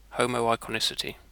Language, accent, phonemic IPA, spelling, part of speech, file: English, UK, /ˌhəʊ.məʊˌaɪ.kɒˈnɪ.sɪ.ti/, homoiconicity, noun, En-uk-homoiconicity.ogg
- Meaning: A property of some programming languages, in which the primary representation of programs is also a data structure in a primitive type of the language itself